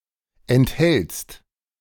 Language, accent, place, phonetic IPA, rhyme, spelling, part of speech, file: German, Germany, Berlin, [ɛntˈhɛlt͡st], -ɛlt͡st, enthältst, verb, De-enthältst.ogg
- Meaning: second-person singular present of enthalten